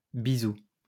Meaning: plural of bisou
- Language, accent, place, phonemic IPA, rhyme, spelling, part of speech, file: French, France, Lyon, /bi.zu/, -u, bisous, noun, LL-Q150 (fra)-bisous.wav